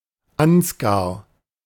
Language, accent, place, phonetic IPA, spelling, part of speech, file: German, Germany, Berlin, [ˈansɡaʁ], Ansgar, proper noun, De-Ansgar.ogg
- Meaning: 1. a male given name from Old High German 2. a male given name from Old High German: Saint Ansgar of Bremen